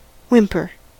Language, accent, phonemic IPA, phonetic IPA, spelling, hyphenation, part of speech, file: English, US, /ˈwɪmpəɹ/, [ˈwɪmpʰɚ], whimper, whim‧per, noun / verb, En-us-whimper.ogg
- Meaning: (noun) A low intermittent sob; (verb) 1. To cry or sob softly and intermittently 2. To cry with a low, whining, broken voice; to whine; to complain 3. To say something in a whimpering manner